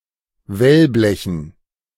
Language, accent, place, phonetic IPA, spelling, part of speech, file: German, Germany, Berlin, [ˈvɛlˌblɛçn̩], Wellblechen, noun, De-Wellblechen.ogg
- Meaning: dative plural of Wellblech